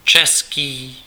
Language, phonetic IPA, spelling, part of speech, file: Czech, [ˈt͡ʃɛskiː], český, adjective, Cs-český.ogg
- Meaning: 1. Czech 2. Bohemian (of, or relating to Bohemia)